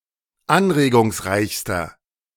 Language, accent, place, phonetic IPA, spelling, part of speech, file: German, Germany, Berlin, [ˈanʁeːɡʊŋsˌʁaɪ̯çstɐ], anregungsreichster, adjective, De-anregungsreichster.ogg
- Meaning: inflection of anregungsreich: 1. strong/mixed nominative masculine singular superlative degree 2. strong genitive/dative feminine singular superlative degree